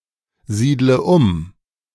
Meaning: inflection of umsiedeln: 1. first-person singular present 2. first/third-person singular subjunctive I 3. singular imperative
- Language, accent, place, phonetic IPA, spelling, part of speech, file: German, Germany, Berlin, [ˌziːdlə ˈʊm], siedle um, verb, De-siedle um.ogg